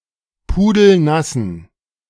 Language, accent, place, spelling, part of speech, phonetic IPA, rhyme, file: German, Germany, Berlin, pudelnassen, adjective, [ˌpuːdl̩ˈnasn̩], -asn̩, De-pudelnassen.ogg
- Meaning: inflection of pudelnass: 1. strong genitive masculine/neuter singular 2. weak/mixed genitive/dative all-gender singular 3. strong/weak/mixed accusative masculine singular 4. strong dative plural